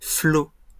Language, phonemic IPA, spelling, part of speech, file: French, /flo/, flots, noun, LL-Q150 (fra)-flots.wav
- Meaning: plural of flot